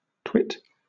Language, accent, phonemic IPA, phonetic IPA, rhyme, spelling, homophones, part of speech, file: English, Southern England, /twɪt/, [tʰw̥ɪt], -ɪt, twit, TWT, verb / noun / interjection, LL-Q1860 (eng)-twit.wav
- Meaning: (verb) To blame or reproach (someone), especially in a good-natured or teasing manner; also, to ridicule or tease (someone)